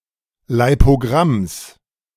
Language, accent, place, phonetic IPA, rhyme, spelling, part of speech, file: German, Germany, Berlin, [laɪ̯poˈɡʁams], -ams, Leipogramms, noun, De-Leipogramms.ogg
- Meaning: genitive singular of Leipogramm